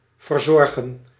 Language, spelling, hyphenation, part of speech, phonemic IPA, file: Dutch, verzorgen, ver‧zor‧gen, verb, /vərˈzɔr.ɣə(n)/, Nl-verzorgen.ogg
- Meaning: 1. to take care of, to look after, to nurse 2. to provide (a service), to supply